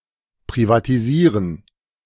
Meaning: to privatize
- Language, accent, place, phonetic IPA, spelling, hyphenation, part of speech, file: German, Germany, Berlin, [pʁivatiˈziːʁən], privatisieren, pri‧va‧ti‧sie‧ren, verb, De-privatisieren.ogg